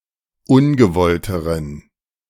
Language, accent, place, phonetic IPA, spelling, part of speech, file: German, Germany, Berlin, [ˈʊnɡəˌvɔltəʁən], ungewollteren, adjective, De-ungewollteren.ogg
- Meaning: inflection of ungewollt: 1. strong genitive masculine/neuter singular comparative degree 2. weak/mixed genitive/dative all-gender singular comparative degree